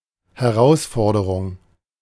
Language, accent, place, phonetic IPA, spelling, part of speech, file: German, Germany, Berlin, [hɛˈʁaʊ̯sˌfɔɐ̯dəʁʊŋ(k)], Herausforderung, noun, De-Herausforderung.ogg
- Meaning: challenge, that which encourages someone to dare more; (loosely) any task or condition that to bear one has to stretch one's boundaries